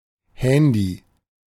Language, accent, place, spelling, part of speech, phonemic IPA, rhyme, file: German, Germany, Berlin, Handy, noun, /ˈhɛndi/, -ɛndi, De-Handy.ogg
- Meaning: mobile phone, mobile, cell phone, phone (portable, wireless telephone)